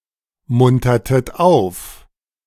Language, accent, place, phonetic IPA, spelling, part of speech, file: German, Germany, Berlin, [ˌmʊntɐtət ˈaʊ̯f], muntertet auf, verb, De-muntertet auf.ogg
- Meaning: inflection of aufmuntern: 1. second-person plural preterite 2. second-person plural subjunctive II